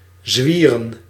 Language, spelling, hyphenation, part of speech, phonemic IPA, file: Dutch, zwieren, zwie‧ren, verb, /ˈzʋiː.rə(n)/, Nl-zwieren.ogg
- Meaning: 1. to swing (round), to rotate 2. to swing, to rotate 3. to skate in a swaying fashion, using the outside edges of the skates